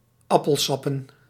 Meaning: plural of appelsap
- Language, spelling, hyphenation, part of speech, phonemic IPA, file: Dutch, appelsappen, ap‧pel‧sap‧pen, noun, /ˈɑ.pəl.sɑ.pə/, Nl-appelsappen.ogg